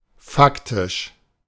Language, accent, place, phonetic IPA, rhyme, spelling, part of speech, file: German, Germany, Berlin, [ˈfaktɪʃ], -aktɪʃ, faktisch, adjective, De-faktisch.ogg
- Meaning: factual